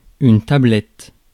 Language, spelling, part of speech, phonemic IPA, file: French, tablette, noun, /ta.blɛt/, Fr-tablette.ogg
- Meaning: 1. tablet (slab of stone) 2. bar (of chocolate, etc.) 3. tablet